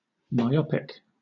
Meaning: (adjective) 1. Near-sighted; unable to see distant objects unaided 2. Shortsighted; improvident 3. Narrow-minded; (noun) A short-sighted individual
- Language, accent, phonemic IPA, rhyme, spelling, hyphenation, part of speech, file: English, Southern England, /maɪˈɒpɪk/, -ɒpɪk, myopic, my‧op‧ic, adjective / noun, LL-Q1860 (eng)-myopic.wav